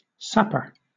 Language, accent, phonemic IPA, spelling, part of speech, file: English, Southern England, /ˈsæpɚ/, sapper, noun, LL-Q1860 (eng)-sapper.wav
- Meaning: A combat engineer; an engineer or a soldier engaged in attacking, destroying, and circumventing or building fortifications, bridges, and roads; a military engineer active in a combat zone